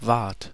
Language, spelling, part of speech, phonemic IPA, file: German, wart, verb, /vaːrt/, De-wart.ogg
- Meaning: second-person plural preterite of sein